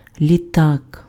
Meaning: airplane
- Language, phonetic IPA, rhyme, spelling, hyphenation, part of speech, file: Ukrainian, [lʲiˈtak], -ak, літак, лі‧так, noun, Uk-літак.ogg